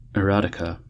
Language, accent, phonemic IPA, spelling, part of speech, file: English, US, /ɪˈɹɒt.ɪkə/, erotica, noun, En-us-erotica.ogg
- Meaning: 1. Erotic literature, art, decoration, or other such work 2. A work of erotica